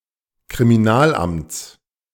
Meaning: genitive singular of Kriminalamt
- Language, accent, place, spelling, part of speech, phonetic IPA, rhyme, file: German, Germany, Berlin, Kriminalamts, noun, [kʁimiˈnaːlˌʔamt͡s], -aːlʔamt͡s, De-Kriminalamts.ogg